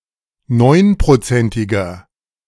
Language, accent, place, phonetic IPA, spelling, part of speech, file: German, Germany, Berlin, [ˈnɔɪ̯npʁoˌt͡sɛntɪɡɐ], neunprozentiger, adjective, De-neunprozentiger.ogg
- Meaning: inflection of neunprozentig: 1. strong/mixed nominative masculine singular 2. strong genitive/dative feminine singular 3. strong genitive plural